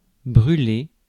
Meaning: 1. to burn 2. to burn oneself 3. to pass an obstacle, to blow (through or past), to run 4. to be boiling, to be very close to the answer
- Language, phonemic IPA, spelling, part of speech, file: French, /bʁy.le/, brûler, verb, Fr-brûler.ogg